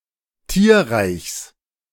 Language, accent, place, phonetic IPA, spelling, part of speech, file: German, Germany, Berlin, [ˈtiːɐ̯ʁaɪ̯çs], Tierreichs, noun, De-Tierreichs.ogg
- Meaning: genitive singular of Tierreich